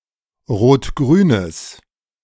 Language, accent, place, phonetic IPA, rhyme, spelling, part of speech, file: German, Germany, Berlin, [ʁoːtˈɡʁyːnəs], -yːnəs, rot-grünes, adjective, De-rot-grünes.ogg
- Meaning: strong/mixed nominative/accusative neuter singular of rot-grün